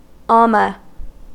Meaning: An Egyptian female singer or dancing girl employed for entertainment or as a professional mourner
- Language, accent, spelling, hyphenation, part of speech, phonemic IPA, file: English, US, alma, al‧ma, noun, /ˈæl.mə/, En-us-alma.ogg